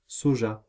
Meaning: 1. soy (sauce) 2. soy (plant)
- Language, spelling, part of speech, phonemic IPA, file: French, soja, noun, /sɔ.ʒa/, Fr-soja.ogg